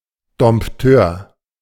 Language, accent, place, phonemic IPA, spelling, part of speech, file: German, Germany, Berlin, /dɔm(p)ˈtøːr/, Dompteur, noun, De-Dompteur.ogg
- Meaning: tamer, animal trainer